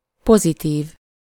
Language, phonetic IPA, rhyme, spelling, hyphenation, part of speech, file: Hungarian, [ˈpozitiːv], -iːv, pozitív, po‧zi‧tív, adjective, Hu-pozitív.ogg
- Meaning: positive